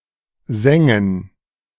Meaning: dative of Sang
- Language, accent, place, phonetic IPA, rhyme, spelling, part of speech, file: German, Germany, Berlin, [ˈzaŋə], -aŋə, Sange, noun, De-Sange.ogg